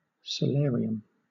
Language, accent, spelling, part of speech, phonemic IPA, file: English, Southern England, solarium, noun, /səˈlɛəɹ.i.əm/, LL-Q1860 (eng)-solarium.wav
- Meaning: A room, rooftop, balcony, or terrace, used for its abundant sunlight, especially when used as a medical treatment